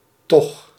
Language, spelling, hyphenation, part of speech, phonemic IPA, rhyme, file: Dutch, toch, toch, adverb, /tɔx/, -ɔx, Nl-toch.ogg
- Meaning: 1. still, nevertheless, anyway 2. after all, despite what was expected 3. yes, surely; implies a positive contradiction, used to contradict a negative